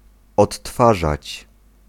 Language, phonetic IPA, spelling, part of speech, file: Polish, [ɔtˈːfaʒat͡ɕ], odtwarzać, verb, Pl-odtwarzać.ogg